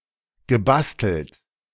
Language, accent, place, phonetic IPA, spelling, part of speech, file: German, Germany, Berlin, [ɡəˈbastl̩t], gebastelt, verb, De-gebastelt.ogg
- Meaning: past participle of basteln